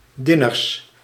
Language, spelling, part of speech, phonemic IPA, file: Dutch, diners, noun, /diˈnes/, Nl-diners.ogg
- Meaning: plural of diner